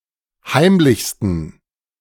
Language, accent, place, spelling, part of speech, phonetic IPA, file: German, Germany, Berlin, heimlichsten, adjective, [ˈhaɪ̯mlɪçstn̩], De-heimlichsten.ogg
- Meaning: 1. superlative degree of heimlich 2. inflection of heimlich: strong genitive masculine/neuter singular superlative degree